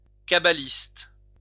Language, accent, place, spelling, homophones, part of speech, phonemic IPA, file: French, France, Lyon, cabaliste, cabalistes, noun, /ka.ba.list/, LL-Q150 (fra)-cabaliste.wav
- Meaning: cabalist